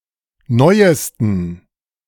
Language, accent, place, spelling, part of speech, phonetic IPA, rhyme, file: German, Germany, Berlin, neuesten, adjective, [ˈnɔɪ̯əstn̩], -ɔɪ̯əstn̩, De-neuesten.ogg
- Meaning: 1. superlative degree of neu 2. inflection of neu: strong genitive masculine/neuter singular superlative degree 3. inflection of neu: weak/mixed genitive/dative all-gender singular superlative degree